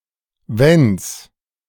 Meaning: contraction of wenn + es
- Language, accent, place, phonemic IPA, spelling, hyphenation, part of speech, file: German, Germany, Berlin, /vɛns/, wenns, wenns, contraction, De-wenns.ogg